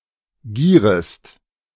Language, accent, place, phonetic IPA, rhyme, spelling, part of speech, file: German, Germany, Berlin, [ˈɡiːʁəst], -iːʁəst, gierest, verb, De-gierest.ogg
- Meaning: second-person singular subjunctive I of gieren